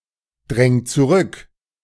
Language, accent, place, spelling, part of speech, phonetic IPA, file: German, Germany, Berlin, dräng zurück, verb, [ˌdʁɛŋ t͡suˈʁʏk], De-dräng zurück.ogg
- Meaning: 1. singular imperative of zurückdrängen 2. first-person singular present of zurückdrängen